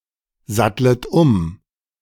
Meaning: second-person plural subjunctive I of umsatteln
- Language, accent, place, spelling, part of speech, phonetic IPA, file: German, Germany, Berlin, sattlet um, verb, [ˌzatlət ˈʊm], De-sattlet um.ogg